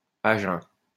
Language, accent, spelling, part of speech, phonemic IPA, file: French, France, à jeun, prepositional phrase, /a ʒœ̃/, LL-Q150 (fra)-à jeun.wav
- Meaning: on an empty stomach